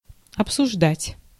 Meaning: 1. to discuss, to consider 2. to talk over
- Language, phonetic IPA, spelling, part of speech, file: Russian, [ɐpsʊʐˈdatʲ], обсуждать, verb, Ru-обсуждать.ogg